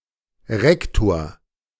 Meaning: headmaster, rector of a school or university (male or of unspecified gender)
- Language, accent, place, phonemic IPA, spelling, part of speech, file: German, Germany, Berlin, /ˈrɛktoːr/, Rektor, noun, De-Rektor.ogg